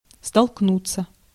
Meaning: 1. to collide (with), to run (into), to bump (into), to come across (with) (с - with) 2. to face, to be confronted with 3. passive of столкну́ть (stolknútʹ)
- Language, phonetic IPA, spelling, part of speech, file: Russian, [stɐɫkˈnut͡sːə], столкнуться, verb, Ru-столкнуться.ogg